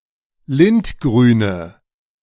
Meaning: inflection of lindgrün: 1. strong/mixed nominative/accusative feminine singular 2. strong nominative/accusative plural 3. weak nominative all-gender singular
- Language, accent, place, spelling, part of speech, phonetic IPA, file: German, Germany, Berlin, lindgrüne, adjective, [ˈlɪntˌɡʁyːnə], De-lindgrüne.ogg